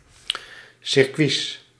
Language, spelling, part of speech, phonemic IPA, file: Dutch, circuits, noun, /sɪrˈkʋis/, Nl-circuits.ogg
- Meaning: plural of circuit